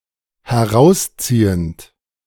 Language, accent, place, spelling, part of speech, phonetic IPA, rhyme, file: German, Germany, Berlin, herausziehend, verb, [hɛˈʁaʊ̯sˌt͡siːənt], -aʊ̯st͡siːənt, De-herausziehend.ogg
- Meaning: present participle of herausziehen